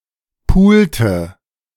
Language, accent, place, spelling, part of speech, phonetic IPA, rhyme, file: German, Germany, Berlin, pulte, verb, [ˈpuːltə], -uːltə, De-pulte.ogg
- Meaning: inflection of pulen: 1. first/third-person singular preterite 2. first/third-person singular subjunctive II